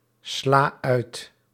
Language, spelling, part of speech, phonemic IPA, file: Dutch, sla uit, verb, /ˈsla ˈœyt/, Nl-sla uit.ogg
- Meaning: inflection of uitslaan: 1. first-person singular present indicative 2. second-person singular present indicative 3. imperative 4. singular present subjunctive